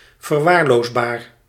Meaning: negligible
- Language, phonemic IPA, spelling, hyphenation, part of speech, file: Dutch, /vərˈʋaːr.loːzˌbaːr/, verwaarloosbaar, ver‧waar‧loos‧baar, adjective, Nl-verwaarloosbaar.ogg